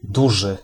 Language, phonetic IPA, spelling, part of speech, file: Polish, [ˈduʒɨ], duży, adjective, Pl-duży.ogg